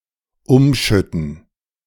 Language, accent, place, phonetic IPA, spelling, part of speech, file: German, Germany, Berlin, [ˈʊmˌʃʏtn̩], umschütten, verb, De-umschütten.ogg
- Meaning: 1. to knock over 2. to pour or transfer from one container to another